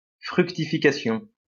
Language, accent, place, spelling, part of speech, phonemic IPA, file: French, France, Lyon, fructification, noun, /fʁyk.ti.fi.ka.sjɔ̃/, LL-Q150 (fra)-fructification.wav
- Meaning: fructification